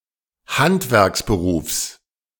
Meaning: genitive singular of Handwerksberuf
- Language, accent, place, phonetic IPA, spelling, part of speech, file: German, Germany, Berlin, [ˈhantvɛʁksbəˌʁuːfs], Handwerksberufs, noun, De-Handwerksberufs.ogg